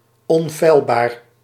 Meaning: infallible
- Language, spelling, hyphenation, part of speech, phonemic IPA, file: Dutch, onfeilbaar, on‧feil‧baar, adjective, /ˌɔnˈfɛi̯l.baːr/, Nl-onfeilbaar.ogg